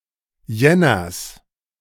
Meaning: genitive of Jänner
- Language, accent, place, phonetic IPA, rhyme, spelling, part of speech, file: German, Germany, Berlin, [ˈjɛnɐs], -ɛnɐs, Jänners, noun, De-Jänners.ogg